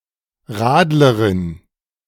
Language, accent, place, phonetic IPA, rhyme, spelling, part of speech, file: German, Germany, Berlin, [ˈʁaːdləʁɪn], -aːdləʁɪn, Radlerin, noun, De-Radlerin.ogg
- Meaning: female equivalent of Radler